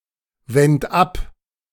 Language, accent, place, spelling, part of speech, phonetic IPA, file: German, Germany, Berlin, wend ab, verb, [ˌvɛnt ˈap], De-wend ab.ogg
- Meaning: singular imperative of abwenden